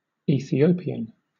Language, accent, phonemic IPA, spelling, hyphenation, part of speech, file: English, Southern England, /ˌiː.θiˈəʊ.pɪ.ən/, Ethiopian, E‧thi‧o‧pi‧an, noun / adjective, LL-Q1860 (eng)-Ethiopian.wav
- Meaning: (noun) 1. A person from Ethiopia or of Ethiopian descent 2. A black-skinned person, especially one from Africa 3. A very skinny person, referencing the historic malnutrition and poverty in Ethiopia